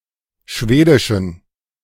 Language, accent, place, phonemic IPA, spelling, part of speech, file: German, Germany, Berlin, /ˈʃveː.dɪ.ʃən/, schwedischen, adjective, De-schwedischen.ogg
- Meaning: inflection of schwedisch: 1. strong genitive masculine/neuter singular 2. weak/mixed genitive/dative all-gender singular 3. strong/weak/mixed accusative masculine singular 4. strong dative plural